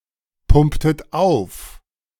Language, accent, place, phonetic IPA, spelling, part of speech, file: German, Germany, Berlin, [ˌpʊmptət ˈaʊ̯f], pumptet auf, verb, De-pumptet auf.ogg
- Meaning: inflection of aufpumpen: 1. second-person plural preterite 2. second-person plural subjunctive II